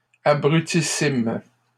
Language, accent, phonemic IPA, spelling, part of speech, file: French, Canada, /a.bʁy.ti.sim/, abrutissimes, adjective, LL-Q150 (fra)-abrutissimes.wav
- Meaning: plural of abrutissime